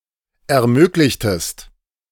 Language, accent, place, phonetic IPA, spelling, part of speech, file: German, Germany, Berlin, [ɛɐ̯ˈmøːklɪçtəst], ermöglichtest, verb, De-ermöglichtest.ogg
- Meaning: inflection of ermöglichen: 1. second-person singular preterite 2. second-person singular subjunctive II